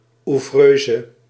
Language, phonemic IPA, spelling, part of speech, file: Dutch, /uˈvrøː.zə/, ouvreuse, noun, Nl-ouvreuse.ogg
- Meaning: usherette